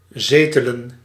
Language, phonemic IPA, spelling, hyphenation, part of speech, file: Dutch, /ˈzeː.tə.lə(n)/, zetelen, ze‧te‧len, verb, Nl-zetelen.ogg
- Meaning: 1. to settle, reside, sit (especially as in parliament) 2. to be established